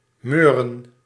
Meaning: 1. to sleep 2. to reek, to stink 3. to fart
- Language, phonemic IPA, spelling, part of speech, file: Dutch, /møː.rə(n)/, meuren, verb, Nl-meuren.ogg